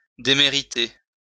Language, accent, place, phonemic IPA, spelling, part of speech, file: French, France, Lyon, /de.me.ʁi.te/, démériter, verb, LL-Q150 (fra)-démériter.wav
- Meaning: to be unworthy